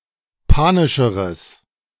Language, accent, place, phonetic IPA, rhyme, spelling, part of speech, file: German, Germany, Berlin, [ˈpaːnɪʃəʁəs], -aːnɪʃəʁəs, panischeres, adjective, De-panischeres.ogg
- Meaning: strong/mixed nominative/accusative neuter singular comparative degree of panisch